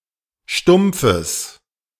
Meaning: strong/mixed nominative/accusative neuter singular of stumpf
- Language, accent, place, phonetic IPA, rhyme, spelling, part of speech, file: German, Germany, Berlin, [ˈʃtʊmp͡fəs], -ʊmp͡fəs, stumpfes, adjective, De-stumpfes.ogg